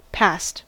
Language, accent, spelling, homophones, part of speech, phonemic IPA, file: English, US, passed, past, verb / adjective, /pæst/, En-us-passed.ogg
- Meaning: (verb) simple past and past participle of pass; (adjective) 1. That has passed beyond a certain point (chiefly in set collocations) 2. That has passed a given qualification or examination; qualified